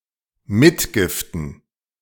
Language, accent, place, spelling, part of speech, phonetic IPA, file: German, Germany, Berlin, Mitgiften, noun, [ˈmɪtɡɪftən], De-Mitgiften.ogg
- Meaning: plural of Mitgift